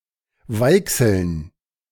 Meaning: plural of Weichsel
- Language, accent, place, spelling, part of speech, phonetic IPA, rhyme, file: German, Germany, Berlin, Weichseln, noun, [ˈvaɪ̯ksl̩n], -aɪ̯ksl̩n, De-Weichseln.ogg